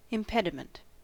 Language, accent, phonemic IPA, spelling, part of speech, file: English, US, /ɪmˈpɛdɪmənt/, impediment, noun, En-us-impediment.ogg
- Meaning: 1. A hindrance; that which impedes or obstructs progress; impedance 2. A disability, especially one affecting the hearing or speech 3. Baggage, especially that of an army; impedimenta